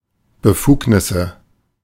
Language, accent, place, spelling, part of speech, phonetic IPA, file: German, Germany, Berlin, Befugnisse, noun, [bəˈfuːknɪsə], De-Befugnisse.ogg
- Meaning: nominative/accusative/genitive plural of Befugnis